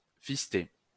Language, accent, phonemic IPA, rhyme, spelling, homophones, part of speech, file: French, France, /fis.te/, -e, fister, fisté / fistée / fistées / fistés / fistez, verb, LL-Q150 (fra)-fister.wav
- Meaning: to fist-fuck